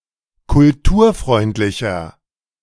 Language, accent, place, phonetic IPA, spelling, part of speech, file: German, Germany, Berlin, [kʊlˈtuːɐ̯ˌfʁɔɪ̯ntlɪçɐ], kulturfreundlicher, adjective, De-kulturfreundlicher.ogg
- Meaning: 1. comparative degree of kulturfreundlich 2. inflection of kulturfreundlich: strong/mixed nominative masculine singular 3. inflection of kulturfreundlich: strong genitive/dative feminine singular